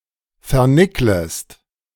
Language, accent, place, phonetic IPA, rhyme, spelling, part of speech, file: German, Germany, Berlin, [fɛɐ̯ˈnɪkləst], -ɪkləst, vernicklest, verb, De-vernicklest.ogg
- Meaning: second-person singular subjunctive I of vernickeln